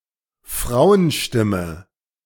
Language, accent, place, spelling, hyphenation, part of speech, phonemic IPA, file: German, Germany, Berlin, Frauenstimme, Frau‧en‧stim‧me, noun, /ˈfraʊ̯ənˌʃtɪmə/, De-Frauenstimme.ogg
- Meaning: female voice, woman's voice